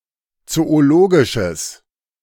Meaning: strong/mixed nominative/accusative neuter singular of zoologisch
- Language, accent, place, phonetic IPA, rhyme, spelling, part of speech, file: German, Germany, Berlin, [ˌt͡sooˈloːɡɪʃəs], -oːɡɪʃəs, zoologisches, adjective, De-zoologisches.ogg